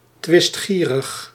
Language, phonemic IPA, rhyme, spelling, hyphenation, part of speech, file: Dutch, /ˌtʋɪstˈxiː.rəx/, -iːrəx, twistgierig, twist‧gie‧rig, adjective, Nl-twistgierig.ogg
- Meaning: argumentative, bickersome